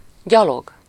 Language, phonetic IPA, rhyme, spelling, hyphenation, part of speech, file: Hungarian, [ˈɟɒloɡ], -oɡ, gyalog, gya‧log, adverb / noun, Hu-gyalog.ogg
- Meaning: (adverb) on foot, afoot, by foot, by walking; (noun) 1. pawn 2. footman, foot soldier